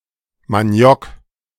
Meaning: cassava, manioc
- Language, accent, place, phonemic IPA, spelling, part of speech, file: German, Germany, Berlin, /maˈni̯ɔk/, Maniok, noun, De-Maniok.ogg